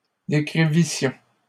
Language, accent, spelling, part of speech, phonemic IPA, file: French, Canada, décrivissions, verb, /de.kʁi.vi.sjɔ̃/, LL-Q150 (fra)-décrivissions.wav
- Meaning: first-person plural imperfect subjunctive of décrire